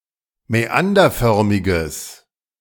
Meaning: strong/mixed nominative/accusative neuter singular of mäanderförmig
- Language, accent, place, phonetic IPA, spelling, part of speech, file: German, Germany, Berlin, [mɛˈandɐˌfœʁmɪɡəs], mäanderförmiges, adjective, De-mäanderförmiges.ogg